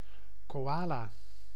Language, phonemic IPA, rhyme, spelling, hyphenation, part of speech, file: Dutch, /koːˈaː.laː/, -aːlaː, koala, ko‧a‧la, noun, Nl-koala.ogg
- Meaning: koala (Phascolarctos cinereus)